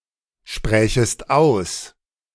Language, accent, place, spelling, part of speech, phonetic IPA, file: German, Germany, Berlin, sprächest aus, verb, [ˌʃpʁɛːçəst ˈaʊ̯s], De-sprächest aus.ogg
- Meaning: second-person singular subjunctive II of aussprechen